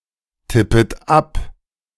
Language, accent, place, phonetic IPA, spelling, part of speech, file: German, Germany, Berlin, [ˌtɪpət ˈap], tippet ab, verb, De-tippet ab.ogg
- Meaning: second-person plural subjunctive I of abtippen